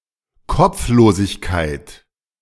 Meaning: 1. headlessness 2. absentmindedness
- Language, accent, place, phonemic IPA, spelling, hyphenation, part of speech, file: German, Germany, Berlin, /ˈkɔp͡floːzɪçkaɪ̯t/, Kopflosigkeit, Kopf‧lo‧sig‧keit, noun, De-Kopflosigkeit.ogg